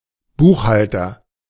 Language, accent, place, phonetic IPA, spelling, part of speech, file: German, Germany, Berlin, [ˈbuːxˌhal.tɐ], Buchhalter, noun, De-Buchhalter.ogg
- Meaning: accountant, bookkeeper